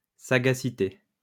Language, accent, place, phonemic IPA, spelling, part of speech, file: French, France, Lyon, /sa.ɡa.si.te/, sagacité, noun, LL-Q150 (fra)-sagacité.wav
- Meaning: sagacity; shrewdness